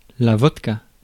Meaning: vodka
- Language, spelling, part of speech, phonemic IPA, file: French, vodka, noun, /vɔd.ka/, Fr-vodka.ogg